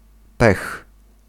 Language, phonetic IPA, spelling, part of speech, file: Polish, [pɛx], pech, noun, Pl-pech.ogg